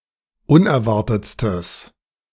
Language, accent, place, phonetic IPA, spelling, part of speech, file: German, Germany, Berlin, [ˈʊnɛɐ̯ˌvaʁtət͡stəs], unerwartetstes, adjective, De-unerwartetstes.ogg
- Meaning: strong/mixed nominative/accusative neuter singular superlative degree of unerwartet